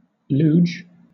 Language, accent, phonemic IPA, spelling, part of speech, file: English, Southern England, /luː(d)ʒ/, luge, noun / verb, LL-Q1860 (eng)-luge.wav
- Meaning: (noun) 1. A racing sled for one or two people that is ridden with the rider or riders lying on their back 2. The sport of racing on luges